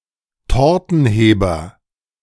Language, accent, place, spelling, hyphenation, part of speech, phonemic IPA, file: German, Germany, Berlin, Tortenheber, Tor‧ten‧he‧ber, noun, /ˈtɔʁtn̩ˌheːbɐ/, De-Tortenheber.ogg
- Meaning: cake slice